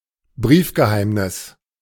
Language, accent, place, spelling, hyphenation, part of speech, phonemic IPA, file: German, Germany, Berlin, Briefgeheimnis, Brief‧ge‧heim‧nis, noun, /ˈbʁiːfɡəˌhaɪ̯mnɪs/, De-Briefgeheimnis.ogg
- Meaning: secrecy of correspondence